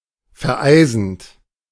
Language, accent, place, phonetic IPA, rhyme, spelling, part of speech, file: German, Germany, Berlin, [fɛɐ̯ˈʔaɪ̯zn̩t], -aɪ̯zn̩t, vereisend, verb, De-vereisend.ogg
- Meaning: present participle of vereisen